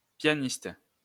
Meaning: pianist
- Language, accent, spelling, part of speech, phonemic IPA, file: French, France, pianiste, noun, /pja.nist/, LL-Q150 (fra)-pianiste.wav